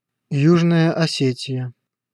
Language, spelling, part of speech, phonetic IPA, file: Russian, Южная Осетия, proper noun, [ˈjuʐnəjə ɐˈsʲetʲɪjə], Ru-Южная Осетия.ogg